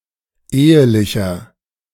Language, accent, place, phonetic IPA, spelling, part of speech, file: German, Germany, Berlin, [ˈeːəlɪçɐ], ehelicher, adjective, De-ehelicher.ogg
- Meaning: inflection of ehelich: 1. strong/mixed nominative masculine singular 2. strong genitive/dative feminine singular 3. strong genitive plural